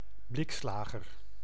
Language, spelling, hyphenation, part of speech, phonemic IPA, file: Dutch, blikslager, blik‧sla‧ger, noun / interjection, /ˈblɪkˌslaː.ɣər/, Nl-blikslager.ogg
- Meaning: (noun) one who produces or repairs objects made of sheet metal, e.g. a pewterer or tinsmith; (interjection) Minced oath for bliksem